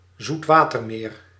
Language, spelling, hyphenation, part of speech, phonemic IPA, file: Dutch, zoetwatermeer, zoet‧wa‧ter‧meer, noun, /zutˈʋaː.tərˌmeːr/, Nl-zoetwatermeer.ogg
- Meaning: freshwater lake